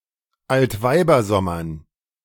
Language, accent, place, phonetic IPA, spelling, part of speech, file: German, Germany, Berlin, [altˈvaɪ̯bɐˌzɔmɐn], Altweibersommern, noun, De-Altweibersommern.ogg
- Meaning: dative plural of Altweibersommer